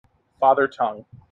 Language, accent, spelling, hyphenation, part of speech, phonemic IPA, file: English, General American, father tongue, fa‧ther tongue, noun, /ˈfɑ.ðɚ ˌtʌŋ/, En-us-father tongue.mp3
- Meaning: A separate language for expressing ideas, as opposed to the vernacular (mother tongue) which is employed for everyday speech